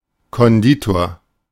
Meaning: confectioner, pastry cook (male or of unspecified gender)
- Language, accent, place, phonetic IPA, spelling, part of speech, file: German, Germany, Berlin, [kɔnˈdiːtoːɐ̯], Konditor, noun, De-Konditor.ogg